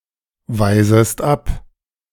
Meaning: second-person singular subjunctive I of abweisen
- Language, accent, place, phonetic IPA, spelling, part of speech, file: German, Germany, Berlin, [ˌvaɪ̯zəst ˈap], weisest ab, verb, De-weisest ab.ogg